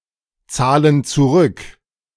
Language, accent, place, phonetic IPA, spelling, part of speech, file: German, Germany, Berlin, [ˌt͡saːlən t͡suˈʁʏk], zahlen zurück, verb, De-zahlen zurück.ogg
- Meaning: inflection of zurückzahlen: 1. first/third-person plural present 2. first/third-person plural subjunctive I